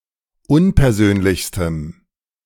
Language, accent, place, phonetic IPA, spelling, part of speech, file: German, Germany, Berlin, [ˈʊnpɛɐ̯ˌzøːnlɪçstəm], unpersönlichstem, adjective, De-unpersönlichstem.ogg
- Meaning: strong dative masculine/neuter singular superlative degree of unpersönlich